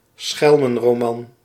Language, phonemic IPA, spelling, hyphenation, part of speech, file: Dutch, /ˈsxɛl.mə(n).roːˌmɑn/, schelmenroman, schel‧men‧ro‧man, noun, Nl-schelmenroman.ogg
- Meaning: trickster novel, picaresque novel ((proto)novel about tricksters)